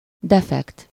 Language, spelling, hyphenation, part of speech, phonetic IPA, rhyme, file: Hungarian, defekt, de‧fekt, noun, [ˈdɛfɛkt], -ɛkt, Hu-defekt.ogg
- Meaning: flat tire